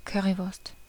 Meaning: currywurst; a German national dish consisting of hot pork sausage cut into slices and seasoned with curry sauce
- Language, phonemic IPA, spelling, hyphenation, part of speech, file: German, /ˈkœʁivʊʁst/, Currywurst, Cur‧ry‧wurst, noun, De-Currywurst.ogg